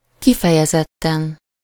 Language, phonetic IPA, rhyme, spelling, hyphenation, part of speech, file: Hungarian, [ˈkifɛjɛzɛtːɛn], -ɛn, kifejezetten, ki‧fe‧je‧zet‧ten, adverb / adjective, Hu-kifejezetten.ogg
- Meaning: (adverb) expressly, explicitly, definitely, positively; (adjective) superessive singular of kifejezett